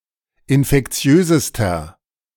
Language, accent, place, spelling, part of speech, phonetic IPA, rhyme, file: German, Germany, Berlin, infektiösester, adjective, [ɪnfɛkˈt͡si̯øːzəstɐ], -øːzəstɐ, De-infektiösester.ogg
- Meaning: inflection of infektiös: 1. strong/mixed nominative masculine singular superlative degree 2. strong genitive/dative feminine singular superlative degree 3. strong genitive plural superlative degree